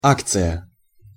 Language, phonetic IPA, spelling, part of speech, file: Russian, [ˈakt͡sɨjə], акция, noun, Ru-акция.ogg
- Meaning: 1. share, stock 2. action, move, demarche 3. promotion, campaign; special offer 4. organized public event